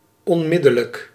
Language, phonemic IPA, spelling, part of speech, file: Dutch, /ɔ(n)ˈmɪdələk/, onmiddellijk, adjective / adverb, Nl-onmiddellijk.ogg
- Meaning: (adjective) immediate, instant; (adverb) immediately, instantly